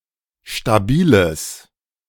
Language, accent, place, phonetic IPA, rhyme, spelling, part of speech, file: German, Germany, Berlin, [ʃtaˈbiːləs], -iːləs, stabiles, adjective, De-stabiles.ogg
- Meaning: strong/mixed nominative/accusative neuter singular of stabil